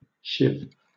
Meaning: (noun) 1. A knife, especially a makeshift one fashioned from something not normally used as a weapon (like a plastic spoon or a toothbrush) 2. A particular woody by-product of processing flax or hemp
- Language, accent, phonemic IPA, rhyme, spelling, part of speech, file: English, Southern England, /ʃɪv/, -ɪv, shiv, noun / verb, LL-Q1860 (eng)-shiv.wav